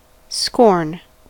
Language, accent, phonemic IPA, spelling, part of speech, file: English, US, /skɔɹn/, scorn, verb / noun, En-us-scorn.ogg
- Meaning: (verb) 1. To feel or display contempt or disdain for something or somebody; to despise 2. To reject, turn down with disdain 3. To refuse to do something, as beneath oneself